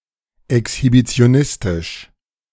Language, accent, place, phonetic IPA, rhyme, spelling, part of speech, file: German, Germany, Berlin, [ɛkshibit͡si̯oˈnɪstɪʃ], -ɪstɪʃ, exhibitionistisch, adjective, De-exhibitionistisch.ogg
- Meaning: exhibitionist